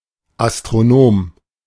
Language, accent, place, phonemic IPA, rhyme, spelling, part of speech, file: German, Germany, Berlin, /ʔastʁoˈnoːm/, -oːm, Astronom, noun, De-Astronom.ogg
- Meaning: astronomer